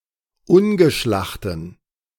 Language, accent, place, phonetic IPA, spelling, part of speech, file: German, Germany, Berlin, [ˈʊnɡəˌʃlaxtn̩], ungeschlachten, adjective, De-ungeschlachten.ogg
- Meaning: inflection of ungeschlacht: 1. strong genitive masculine/neuter singular 2. weak/mixed genitive/dative all-gender singular 3. strong/weak/mixed accusative masculine singular 4. strong dative plural